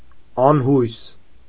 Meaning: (adjective) hopeless, despairing, desperate; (adverb) hopelessly, despairingly, desperately, beyond hope
- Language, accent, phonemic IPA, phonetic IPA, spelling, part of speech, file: Armenian, Eastern Armenian, /ɑnˈhujs/, [ɑnhújs], անհույս, adjective / adverb, Hy-անհույս.ogg